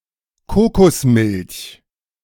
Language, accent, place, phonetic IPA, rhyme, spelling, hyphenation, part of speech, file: German, Germany, Berlin, [ˈkoːkosˌmɪlç], -ɪlç, Kokosmilch, Ko‧kos‧milch, noun, De-Kokosmilch.ogg
- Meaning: coconut milk (thick white liquid produced from the white inner flesh of the seed of the coconut)